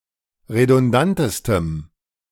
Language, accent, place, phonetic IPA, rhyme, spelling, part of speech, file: German, Germany, Berlin, [ʁedʊnˈdantəstəm], -antəstəm, redundantestem, adjective, De-redundantestem.ogg
- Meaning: strong dative masculine/neuter singular superlative degree of redundant